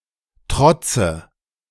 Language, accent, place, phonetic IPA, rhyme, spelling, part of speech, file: German, Germany, Berlin, [ˈtʁɔt͡sə], -ɔt͡sə, trotze, verb, De-trotze.ogg
- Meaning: inflection of trotzen: 1. first-person singular present 2. first/third-person singular subjunctive I 3. singular imperative